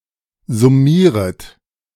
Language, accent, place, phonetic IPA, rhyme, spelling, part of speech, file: German, Germany, Berlin, [zʊˈmiːʁət], -iːʁət, summieret, verb, De-summieret.ogg
- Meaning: second-person plural subjunctive I of summieren